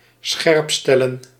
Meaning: to focus, to adjust in order to bring into focus
- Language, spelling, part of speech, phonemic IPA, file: Dutch, scherpstellen, verb, /ˈsxɛrᵊpˌstɛlə(n)/, Nl-scherpstellen.ogg